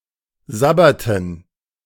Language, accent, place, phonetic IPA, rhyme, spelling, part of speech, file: German, Germany, Berlin, [ˈzabɐtn̩], -abɐtn̩, sabberten, verb, De-sabberten.ogg
- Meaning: inflection of sabbern: 1. first/third-person plural preterite 2. first/third-person plural subjunctive II